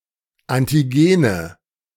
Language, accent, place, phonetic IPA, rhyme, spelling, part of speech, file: German, Germany, Berlin, [ˌantiˈɡeːnə], -eːnə, Antigene, noun, De-Antigene.ogg
- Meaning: nominative/accusative/genitive plural of Antigen